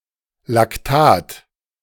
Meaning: lactate
- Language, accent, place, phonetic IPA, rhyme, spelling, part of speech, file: German, Germany, Berlin, [lakˈtaːt], -aːt, Lactat, noun, De-Lactat.ogg